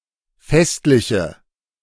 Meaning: inflection of festlich: 1. strong/mixed nominative/accusative feminine singular 2. strong nominative/accusative plural 3. weak nominative all-gender singular
- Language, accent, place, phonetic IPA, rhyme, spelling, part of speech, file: German, Germany, Berlin, [ˈfɛstlɪçə], -ɛstlɪçə, festliche, adjective, De-festliche.ogg